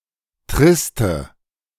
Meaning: inflection of trist: 1. strong/mixed nominative/accusative feminine singular 2. strong nominative/accusative plural 3. weak nominative all-gender singular 4. weak accusative feminine/neuter singular
- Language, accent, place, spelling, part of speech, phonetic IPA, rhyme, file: German, Germany, Berlin, triste, adjective, [ˈtʁɪstə], -ɪstə, De-triste.ogg